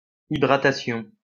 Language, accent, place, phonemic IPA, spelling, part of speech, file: French, France, Lyon, /i.dʁa.ta.sjɔ̃/, hydratation, noun, LL-Q150 (fra)-hydratation.wav
- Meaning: hydration